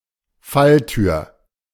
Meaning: trapdoor
- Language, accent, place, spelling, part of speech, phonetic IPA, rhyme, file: German, Germany, Berlin, Falltür, noun, [ˈfalˌtyːɐ̯], -altyːɐ̯, De-Falltür.ogg